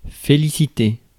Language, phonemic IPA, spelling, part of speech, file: French, /fe.li.si.te/, féliciter, verb, Fr-féliciter.ogg
- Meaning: to congratulate